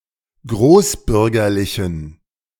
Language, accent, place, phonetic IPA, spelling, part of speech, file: German, Germany, Berlin, [ˈɡʁoːsˌbʏʁɡɐlɪçn̩], großbürgerlichen, adjective, De-großbürgerlichen.ogg
- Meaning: inflection of großbürgerlich: 1. strong genitive masculine/neuter singular 2. weak/mixed genitive/dative all-gender singular 3. strong/weak/mixed accusative masculine singular 4. strong dative plural